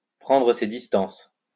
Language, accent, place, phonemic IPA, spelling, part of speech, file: French, France, Lyon, /pʁɑ̃.dʁə se dis.tɑ̃s/, prendre ses distances, verb, LL-Q150 (fra)-prendre ses distances.wav
- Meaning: to distance oneself